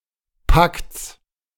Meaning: genitive singular of Pakt
- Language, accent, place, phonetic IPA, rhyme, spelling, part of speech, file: German, Germany, Berlin, [pakt͡s], -akt͡s, Pakts, noun, De-Pakts.ogg